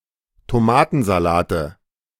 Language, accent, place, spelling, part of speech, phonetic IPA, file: German, Germany, Berlin, Tomatensalate, noun, [toˈmaːtn̩zaˌlaːtə], De-Tomatensalate.ogg
- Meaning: 1. nominative/accusative/genitive plural of Tomatensalat 2. dative of Tomatensalat